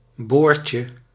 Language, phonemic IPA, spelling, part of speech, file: Dutch, /ˈborcə/, boordje, noun, Nl-boordje.ogg
- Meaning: diminutive of boord